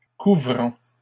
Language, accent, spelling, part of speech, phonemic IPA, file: French, Canada, couvrant, verb / adjective, /ku.vʁɑ̃/, LL-Q150 (fra)-couvrant.wav
- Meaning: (verb) present participle of couvrir; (adjective) covering